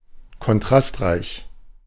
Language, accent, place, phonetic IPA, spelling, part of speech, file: German, Germany, Berlin, [kɔnˈtʁastˌʁaɪ̯ç], kontrastreich, adjective, De-kontrastreich.ogg
- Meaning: high-contrast, contrasty